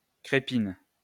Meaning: 1. caul (of pork, lamb etc.) 2. liner, filter; strainer
- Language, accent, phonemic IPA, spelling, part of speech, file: French, France, /kʁe.pin/, crépine, noun, LL-Q150 (fra)-crépine.wav